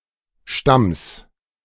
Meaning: genitive singular of Stamm
- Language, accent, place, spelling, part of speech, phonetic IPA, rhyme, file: German, Germany, Berlin, Stamms, noun, [ʃtams], -ams, De-Stamms.ogg